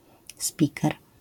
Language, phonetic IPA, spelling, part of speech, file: Polish, [ˈspʲikɛr], spiker, noun, LL-Q809 (pol)-spiker.wav